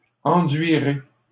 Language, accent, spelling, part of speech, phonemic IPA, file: French, Canada, enduirai, verb, /ɑ̃.dɥi.ʁe/, LL-Q150 (fra)-enduirai.wav
- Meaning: first-person singular simple future of enduire